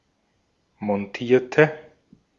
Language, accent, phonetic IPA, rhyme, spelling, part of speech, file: German, Austria, [mɔnˈtiːɐ̯tə], -iːɐ̯tə, montierte, adjective / verb, De-at-montierte.ogg
- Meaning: inflection of montieren: 1. first/third-person singular preterite 2. first/third-person singular subjunctive II